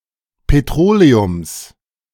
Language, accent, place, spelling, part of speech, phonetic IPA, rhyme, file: German, Germany, Berlin, Petroleums, noun, [peˈtʁoːleʊms], -oːleʊms, De-Petroleums.ogg
- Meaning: genitive singular of Petroleum